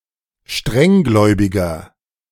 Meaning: 1. comparative degree of strenggläubig 2. inflection of strenggläubig: strong/mixed nominative masculine singular 3. inflection of strenggläubig: strong genitive/dative feminine singular
- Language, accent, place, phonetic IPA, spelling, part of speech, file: German, Germany, Berlin, [ˈʃtʁɛŋˌɡlɔɪ̯bɪɡɐ], strenggläubiger, adjective, De-strenggläubiger.ogg